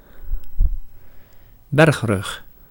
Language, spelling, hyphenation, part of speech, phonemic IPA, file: Dutch, bergrug, berg‧rug, noun, /ˈbɛrxrʏx/, Nl-bergrug.ogg
- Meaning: 1. a mountain-ridge, (line/view formed by) a (chain of) mountain top(s) 2. the top section of a mountain, where its slopes meet